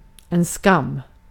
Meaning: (noun) 1. shame (feeling) 2. shame (disgrace) 3. a disgrace (something shameful) 4. (great) shame, (great) pity (a regrettable thing, often morally (or hyperbolically as if morally regrettable))
- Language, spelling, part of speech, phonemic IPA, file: Swedish, skam, noun / proper noun, /skamː/, Sv-skam.ogg